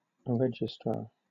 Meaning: An official keeper or recorder of records.: An officer in a university who keeps enrollment and academic achievement records
- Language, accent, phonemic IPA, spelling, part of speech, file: English, Southern England, /ˈɹɛd͡ʒ.ɪsˌtɹɑɹ/, registrar, noun, LL-Q1860 (eng)-registrar.wav